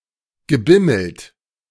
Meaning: past participle of bimmeln
- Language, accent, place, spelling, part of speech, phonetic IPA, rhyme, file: German, Germany, Berlin, gebimmelt, verb, [ɡəˈbɪml̩t], -ɪml̩t, De-gebimmelt.ogg